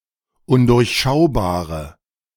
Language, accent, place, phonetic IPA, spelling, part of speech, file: German, Germany, Berlin, [ˈʊndʊʁçˌʃaʊ̯baːʁə], undurchschaubare, adjective, De-undurchschaubare.ogg
- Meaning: inflection of undurchschaubar: 1. strong/mixed nominative/accusative feminine singular 2. strong nominative/accusative plural 3. weak nominative all-gender singular